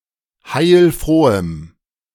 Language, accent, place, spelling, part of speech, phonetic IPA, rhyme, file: German, Germany, Berlin, heilfrohem, adjective, [haɪ̯lˈfʁoːəm], -oːəm, De-heilfrohem.ogg
- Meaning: strong dative masculine/neuter singular of heilfroh